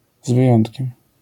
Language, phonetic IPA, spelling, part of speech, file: Polish, [z‿vɨˈjɔ̃ntʲcɛ̃m], z wyjątkiem, prepositional phrase, LL-Q809 (pol)-z wyjątkiem.wav